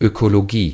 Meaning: ecology
- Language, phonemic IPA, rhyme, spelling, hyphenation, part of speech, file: German, /økoloˈɡiː/, -iː, Ökologie, Ö‧ko‧lo‧gie, noun, De-Ökologie.ogg